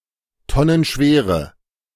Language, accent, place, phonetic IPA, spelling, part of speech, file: German, Germany, Berlin, [ˈtɔnənˌʃveːʁə], tonnenschwere, adjective, De-tonnenschwere.ogg
- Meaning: inflection of tonnenschwer: 1. strong/mixed nominative/accusative feminine singular 2. strong nominative/accusative plural 3. weak nominative all-gender singular